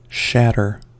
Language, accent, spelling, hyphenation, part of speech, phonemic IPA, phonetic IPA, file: English, US, shatter, shat‧ter, verb / noun, /ˈʃætɚ/, [ˈʃæɾɚ], En-us-shatter.ogg
- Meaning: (verb) 1. Of brittle solid materials (like glass or ice), to violently break into pieces 2. To destroy, disable 3. To dispirit or emotionally defeat